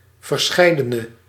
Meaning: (determiner) various; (adjective) inflection of verscheiden: 1. masculine/feminine singular attributive 2. definite neuter singular attributive 3. plural attributive
- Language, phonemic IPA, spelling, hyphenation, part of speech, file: Dutch, /vərˈsxɛi̯.də.nə/, verscheidene, ver‧schei‧de‧ne, determiner / adjective, Nl-verscheidene.ogg